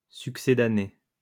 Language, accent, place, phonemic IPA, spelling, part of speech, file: French, France, Lyon, /syk.se.da.ne/, succédané, adjective / noun, LL-Q150 (fra)-succédané.wav
- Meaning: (adjective) substitute, surrogate; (noun) substitute, replacement